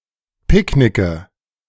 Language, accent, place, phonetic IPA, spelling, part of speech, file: German, Germany, Berlin, [ˈpɪkˌnɪkə], picknicke, verb, De-picknicke.ogg
- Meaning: inflection of picknicken: 1. first-person singular present 2. singular imperative 3. first/third-person singular subjunctive I